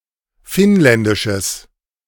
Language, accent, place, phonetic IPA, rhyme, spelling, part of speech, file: German, Germany, Berlin, [ˈfɪnˌlɛndɪʃəs], -ɪnlɛndɪʃəs, finnländisches, adjective, De-finnländisches.ogg
- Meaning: strong/mixed nominative/accusative neuter singular of finnländisch